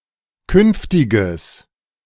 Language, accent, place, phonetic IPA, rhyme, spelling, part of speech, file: German, Germany, Berlin, [ˈkʏnftɪɡəs], -ʏnftɪɡəs, künftiges, adjective, De-künftiges.ogg
- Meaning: strong/mixed nominative/accusative neuter singular of künftig